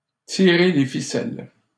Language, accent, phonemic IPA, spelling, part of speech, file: French, Canada, /ti.ʁe le fi.sɛl/, tirer les ficelles, verb, LL-Q150 (fra)-tirer les ficelles.wav
- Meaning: to pull the strings, to be in control, to take the decisions; to be behind a conspiracy or scheme